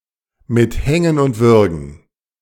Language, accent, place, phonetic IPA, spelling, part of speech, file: German, Germany, Berlin, [mɪt ˈhɛŋən ʊnt ˈvʏʁɡn̩], mit Hängen und Würgen, prepositional phrase, De-mit Hängen und Würgen.ogg
- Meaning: with great effort